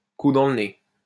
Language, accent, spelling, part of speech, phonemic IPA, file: French, France, coup dans le nez, noun, /ku dɑ̃ l(ə) ne/, LL-Q150 (fra)-coup dans le nez.wav
- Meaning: one too many